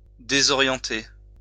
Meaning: 1. to disorient 2. to bewilder
- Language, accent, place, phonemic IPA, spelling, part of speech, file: French, France, Lyon, /de.zɔ.ʁjɑ̃.te/, désorienter, verb, LL-Q150 (fra)-désorienter.wav